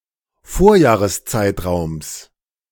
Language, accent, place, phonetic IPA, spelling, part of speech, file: German, Germany, Berlin, [ˈfoːɐ̯jaːʁəsˌt͡saɪ̯tʁaʊ̯ms], Vorjahreszeitraums, noun, De-Vorjahreszeitraums.ogg
- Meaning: genitive singular of Vorjahreszeitraum